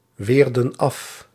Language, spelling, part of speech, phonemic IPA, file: Dutch, weerden af, verb, /ˈwerdə(n) ˈɑf/, Nl-weerden af.ogg
- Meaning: inflection of afweren: 1. plural past indicative 2. plural past subjunctive